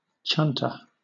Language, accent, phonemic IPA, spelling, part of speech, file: English, Southern England, /ˈtʃʌn.tə/, chunter, verb, LL-Q1860 (eng)-chunter.wav
- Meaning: 1. To speak in a soft, indistinct manner, mutter 2. To grumble, complain